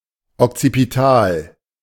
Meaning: occipital
- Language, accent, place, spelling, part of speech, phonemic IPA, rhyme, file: German, Germany, Berlin, okzipital, adjective, /ɔkt͡sipiˈtaːl/, -aːl, De-okzipital.ogg